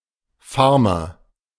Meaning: farmer (male or of unspecified gender) (especially in reference to English-speaking countries)
- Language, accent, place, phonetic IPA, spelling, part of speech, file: German, Germany, Berlin, [ˈfaʁmɐ], Farmer, noun, De-Farmer.ogg